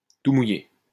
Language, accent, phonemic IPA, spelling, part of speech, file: French, France, /tu mu.je/, tout mouillé, adjective, LL-Q150 (fra)-tout mouillé.wav
- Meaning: soaking wet (at most, as a maximum)